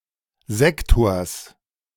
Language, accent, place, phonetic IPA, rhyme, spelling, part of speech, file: German, Germany, Berlin, [ˈzɛktoːɐ̯s], -ɛktoːɐ̯s, Sektors, noun, De-Sektors.ogg
- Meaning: genitive singular of Sektor